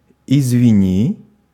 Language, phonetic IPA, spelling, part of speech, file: Russian, [ɪzvʲɪˈnʲi], извини, verb, Ru-извини.ogg
- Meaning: second-person singular imperative perfective of извини́ть (izvinítʹ) (singular informal) - excuse me; sorry